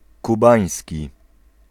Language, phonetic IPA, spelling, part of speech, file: Polish, [kuˈbãj̃sʲci], kubański, adjective, Pl-kubański.ogg